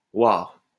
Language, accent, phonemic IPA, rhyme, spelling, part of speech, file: French, France, /waʁ/, -waʁ, hoir, noun, LL-Q150 (fra)-hoir.wav
- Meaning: heir